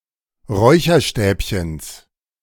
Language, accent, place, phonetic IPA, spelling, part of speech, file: German, Germany, Berlin, [ˈʁɔɪ̯çɐˌʃtɛːpçəns], Räucherstäbchens, noun, De-Räucherstäbchens.ogg
- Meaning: genitive singular of Räucherstäbchen